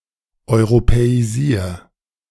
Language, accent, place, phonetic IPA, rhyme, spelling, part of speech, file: German, Germany, Berlin, [ɔɪ̯ʁopɛiˈziːɐ̯], -iːɐ̯, europäisier, verb, De-europäisier.ogg
- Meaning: 1. singular imperative of europäisieren 2. first-person singular present of europäisieren